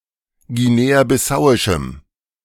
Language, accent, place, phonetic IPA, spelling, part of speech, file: German, Germany, Berlin, [ɡiˌneːaːbɪˈsaʊ̯ɪʃm̩], guinea-bissauischem, adjective, De-guinea-bissauischem.ogg
- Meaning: strong dative masculine/neuter singular of guinea-bissauisch